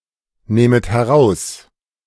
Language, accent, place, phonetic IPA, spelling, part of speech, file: German, Germany, Berlin, [ˌneːmət hɛˈʁaʊ̯s], nehmet heraus, verb, De-nehmet heraus.ogg
- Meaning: second-person plural subjunctive I of herausnehmen